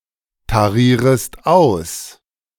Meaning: second-person singular subjunctive I of austarieren
- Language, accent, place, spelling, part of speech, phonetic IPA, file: German, Germany, Berlin, tarierest aus, verb, [taˌʁiːʁəst ˈaʊ̯s], De-tarierest aus.ogg